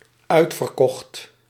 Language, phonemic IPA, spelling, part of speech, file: Dutch, /ˈœy̯tfərˌkɔxt/, uitverkocht, verb, Nl-uitverkocht.ogg
- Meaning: 1. singular dependent-clause past indicative of uitverkopen 2. past participle of uitverkopen